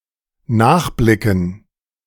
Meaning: to (have a) look at
- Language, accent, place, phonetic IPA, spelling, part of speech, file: German, Germany, Berlin, [ˈnaːxˌblɪkn̩], nachblicken, verb, De-nachblicken.ogg